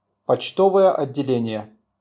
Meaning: post office
- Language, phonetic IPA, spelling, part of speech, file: Russian, [pɐt͡ɕˈtovəjə ɐdʲːɪˈlʲenʲɪje], почтовое отделение, noun, RU-почтовое отделение.wav